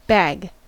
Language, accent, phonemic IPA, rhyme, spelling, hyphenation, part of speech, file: English, US, /bæɡ/, -æɡ, bag, bag, noun / verb, En-us-bag.ogg
- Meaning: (noun) A soft container made out of cloth, paper, thin plastic, etc. and open at the top, used to hold food, commodities, and other goods